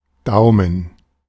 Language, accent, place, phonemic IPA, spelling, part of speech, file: German, Germany, Berlin, /ˈdaʊ̯mən/, Daumen, noun, De-Daumen.ogg
- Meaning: thumb